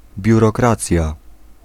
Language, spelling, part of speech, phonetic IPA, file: Polish, biurokracja, noun, [ˌbʲjurɔˈkrat͡sʲja], Pl-biurokracja.ogg